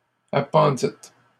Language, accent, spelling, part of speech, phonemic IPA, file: French, Canada, appendîtes, verb, /a.pɑ̃.dit/, LL-Q150 (fra)-appendîtes.wav
- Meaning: second-person plural past historic of appendre